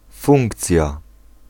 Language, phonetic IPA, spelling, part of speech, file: Polish, [ˈfũŋkt͡sʲja], funkcja, noun, Pl-funkcja.ogg